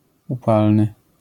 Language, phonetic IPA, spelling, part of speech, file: Polish, [uˈpalnɨ], upalny, adjective, LL-Q809 (pol)-upalny.wav